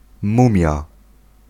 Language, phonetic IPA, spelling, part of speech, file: Polish, [ˈmũmʲja], mumia, noun, Pl-mumia.ogg